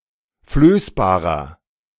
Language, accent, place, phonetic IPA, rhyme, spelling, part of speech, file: German, Germany, Berlin, [ˈfløːsbaːʁɐ], -øːsbaːʁɐ, flößbarer, adjective, De-flößbarer.ogg
- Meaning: inflection of flößbar: 1. strong/mixed nominative masculine singular 2. strong genitive/dative feminine singular 3. strong genitive plural